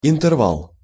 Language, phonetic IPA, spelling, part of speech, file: Russian, [ɪntɨrˈvaɫ], интервал, noun, Ru-интервал.ogg
- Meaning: 1. interval, space (a distance in space or time) 2. interval